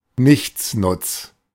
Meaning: goof-off, no good, wastrel, spalpeen, nogoodnik, ne'er-do-well (a person who is useless and good for nothing)
- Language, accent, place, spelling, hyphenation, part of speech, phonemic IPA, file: German, Germany, Berlin, Nichtsnutz, Nichts‧nutz, noun, /ˈnɪçt͡snʊt͡s/, De-Nichtsnutz.ogg